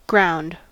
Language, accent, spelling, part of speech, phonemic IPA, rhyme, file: English, General American, ground, noun / verb / adjective, /ɡɹaʊnd/, -aʊnd, En-us-ground.ogg
- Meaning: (noun) 1. The surface of the Earth, as opposed to the sky or water or underground 2. Terrain 3. Soil, earth 4. The bottom of a body of water 5. Basis, foundation, groundwork, legwork